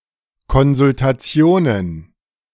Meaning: plural of Konsultation
- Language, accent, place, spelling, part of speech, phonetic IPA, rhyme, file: German, Germany, Berlin, Konsultationen, noun, [kɔnzʊltaˈt͡si̯oːnən], -oːnən, De-Konsultationen.ogg